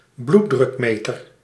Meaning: a blood pressure monitor, a blood pressure meter
- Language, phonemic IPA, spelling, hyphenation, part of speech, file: Dutch, /ˈblu.drʏkˌmeː.tər/, bloeddrukmeter, bloed‧druk‧me‧ter, noun, Nl-bloeddrukmeter.ogg